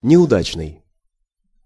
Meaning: 1. unsuccessful, unfortunate 2. unlucky
- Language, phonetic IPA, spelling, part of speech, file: Russian, [nʲɪʊˈdat͡ɕnɨj], неудачный, adjective, Ru-неудачный.ogg